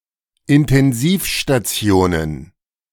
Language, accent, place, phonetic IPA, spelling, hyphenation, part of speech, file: German, Germany, Berlin, [ɪntɛnˈziːfʃtaˌt͡si̯oːnən], Intensivstationen, In‧ten‧siv‧sta‧ti‧o‧nen, noun, De-Intensivstationen.ogg
- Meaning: plural of Intensivstation